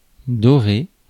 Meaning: 1. to gild; to coat something in gold 2. to brighten up, to brighten something to give it a golden colour 3. to brown, to give food a golden colour by adding an egg yolk
- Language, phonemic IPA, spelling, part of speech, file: French, /dɔ.ʁe/, dorer, verb, Fr-dorer.ogg